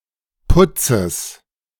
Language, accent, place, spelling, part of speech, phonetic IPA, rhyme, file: German, Germany, Berlin, Putzes, noun, [ˈpʊt͡səs], -ʊt͡səs, De-Putzes.ogg
- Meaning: genitive singular of Putz